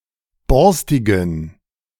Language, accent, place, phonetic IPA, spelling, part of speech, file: German, Germany, Berlin, [ˈbɔʁstɪɡn̩], borstigen, adjective, De-borstigen.ogg
- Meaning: inflection of borstig: 1. strong genitive masculine/neuter singular 2. weak/mixed genitive/dative all-gender singular 3. strong/weak/mixed accusative masculine singular 4. strong dative plural